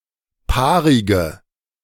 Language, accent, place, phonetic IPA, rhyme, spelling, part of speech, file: German, Germany, Berlin, [ˈpaːʁɪɡə], -aːʁɪɡə, paarige, adjective, De-paarige.ogg
- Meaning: inflection of paarig: 1. strong/mixed nominative/accusative feminine singular 2. strong nominative/accusative plural 3. weak nominative all-gender singular 4. weak accusative feminine/neuter singular